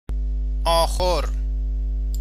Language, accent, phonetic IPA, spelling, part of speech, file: Persian, Iran, [ʔɒː.ˈxoɹ], آخور, noun, Fa-آخور.ogg
- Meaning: 1. manger, crib 2. stall 3. stable